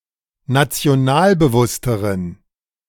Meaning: inflection of nationalbewusst: 1. strong genitive masculine/neuter singular comparative degree 2. weak/mixed genitive/dative all-gender singular comparative degree
- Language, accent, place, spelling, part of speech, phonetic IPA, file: German, Germany, Berlin, nationalbewussteren, adjective, [nat͡si̯oˈnaːlbəˌvʊstəʁən], De-nationalbewussteren.ogg